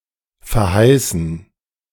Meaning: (verb) 1. to promise 2. past participle of verheißen; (adjective) promised
- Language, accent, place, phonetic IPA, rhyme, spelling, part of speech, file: German, Germany, Berlin, [fɛɐ̯ˈhaɪ̯sn̩], -aɪ̯sn̩, verheißen, verb, De-verheißen.ogg